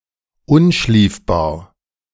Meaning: too tight to crawl through
- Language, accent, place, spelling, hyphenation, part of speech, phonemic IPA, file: German, Germany, Berlin, unschliefbar, un‧schlief‧bar, adjective, /ˈʊnˌʃliːfbaːɐ̯/, De-unschliefbar.ogg